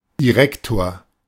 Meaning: 1. principal (administrator of a school) 2. director (leader of an organisation) 3. title of a Beamter ("Public servant") in the senior service after second promotion
- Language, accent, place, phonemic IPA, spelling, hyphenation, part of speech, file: German, Germany, Berlin, /diˈʁɛktoːɐ̯/, Direktor, Di‧rek‧tor, noun, De-Direktor.ogg